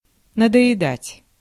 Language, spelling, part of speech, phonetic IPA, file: Russian, надоедать, verb, [nədə(j)ɪˈdatʲ], Ru-надоедать.ogg
- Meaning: 1. to bore 2. to bother, to pester, to molest, to worry, to annoy, to plague